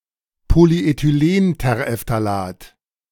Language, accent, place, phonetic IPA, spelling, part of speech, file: German, Germany, Berlin, [poliʔetyˈleːnteʁeftaˌlaːt], Polyethylenterephthalat, noun, De-Polyethylenterephthalat.ogg
- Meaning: polyethylene terephthalate